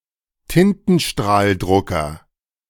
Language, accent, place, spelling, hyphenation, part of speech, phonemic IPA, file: German, Germany, Berlin, Tintenstrahldrucker, Tin‧ten‧strahl‧dru‧cker, noun, /ˈtɪntn̩ʃtʁaːlˌdʁʊkɐ/, De-Tintenstrahldrucker.ogg
- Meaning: inkjet printer